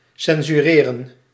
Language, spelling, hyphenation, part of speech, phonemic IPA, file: Dutch, censureren, cen‧su‧re‧ren, verb, /ˌsɛnzyːˈreːrə(n)/, Nl-censureren.ogg
- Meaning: to censor